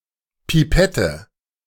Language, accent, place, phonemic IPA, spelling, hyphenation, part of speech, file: German, Germany, Berlin, /piˈpɛtə/, Pipette, Pi‧pet‧te, noun, De-Pipette.ogg
- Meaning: pipette, pipet